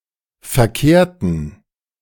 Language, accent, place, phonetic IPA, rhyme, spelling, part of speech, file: German, Germany, Berlin, [fɛɐ̯ˈkeːɐ̯tn̩], -eːɐ̯tn̩, verkehrten, adjective / verb, De-verkehrten.ogg
- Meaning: inflection of verkehrt: 1. strong genitive masculine/neuter singular 2. weak/mixed genitive/dative all-gender singular 3. strong/weak/mixed accusative masculine singular 4. strong dative plural